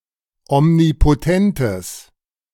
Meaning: strong/mixed nominative/accusative neuter singular of omnipotent
- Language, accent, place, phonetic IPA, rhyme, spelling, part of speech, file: German, Germany, Berlin, [ɔmnipoˈtɛntəs], -ɛntəs, omnipotentes, adjective, De-omnipotentes.ogg